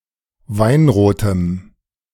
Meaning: strong dative masculine/neuter singular of weinrot
- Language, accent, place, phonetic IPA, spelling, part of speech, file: German, Germany, Berlin, [ˈvaɪ̯nʁoːtəm], weinrotem, adjective, De-weinrotem.ogg